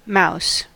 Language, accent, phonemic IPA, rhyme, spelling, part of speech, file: English, US, /maʊs/, -aʊs, mouse, noun, En-us-mouse.ogg
- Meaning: Any mammal of the many rodent families (especially Muridae) that have a small body and a long tail